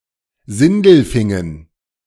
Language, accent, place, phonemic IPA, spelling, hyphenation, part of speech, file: German, Germany, Berlin, /ˈzɪndl̩ˌfɪŋən/, Sindelfingen, Sin‧del‧fin‧gen, proper noun, De-Sindelfingen.ogg
- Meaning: Sindelfingen (a town near Stuttgart in Baden-Württemberg, Germany)